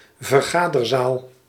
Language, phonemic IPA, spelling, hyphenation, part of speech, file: Dutch, /vərˈɣaː.dərˌzaːl/, vergaderzaal, ver‧ga‧der‧zaal, noun, Nl-vergaderzaal.ogg
- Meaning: meeting room, conference room